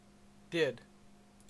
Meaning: 1. simple past of do 2. past participle of do; done
- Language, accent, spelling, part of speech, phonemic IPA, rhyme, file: English, Canada, did, verb, /dɪd/, -ɪd, En-ca-did.ogg